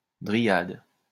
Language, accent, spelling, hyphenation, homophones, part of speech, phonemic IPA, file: French, France, dryade, dry‧ade, dryades, noun, /dʁi.jad/, LL-Q150 (fra)-dryade.wav
- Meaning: 1. dryad 2. forest tree, sciaphilous in young state